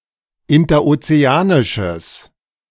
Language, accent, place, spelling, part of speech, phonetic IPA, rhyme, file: German, Germany, Berlin, interozeanisches, adjective, [ɪntɐʔot͡seˈaːnɪʃəs], -aːnɪʃəs, De-interozeanisches.ogg
- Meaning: strong/mixed nominative/accusative neuter singular of interozeanisch